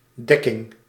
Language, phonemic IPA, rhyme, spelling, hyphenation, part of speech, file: Dutch, /ˈdɛ.kɪŋ/, -ɛkɪŋ, dekking, dek‧king, noun, Nl-dekking.ogg
- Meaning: 1. cover 2. mating (of animals) 3. coverage